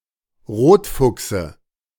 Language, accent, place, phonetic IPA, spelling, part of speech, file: German, Germany, Berlin, [ˈʁoːtˌfʊksə], Rotfuchse, noun, De-Rotfuchse.ogg
- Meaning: dative of Rotfuchs